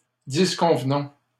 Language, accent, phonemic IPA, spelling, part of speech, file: French, Canada, /dis.kɔ̃v.nɔ̃/, disconvenons, verb, LL-Q150 (fra)-disconvenons.wav
- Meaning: inflection of disconvenir: 1. first-person plural present indicative 2. first-person plural imperative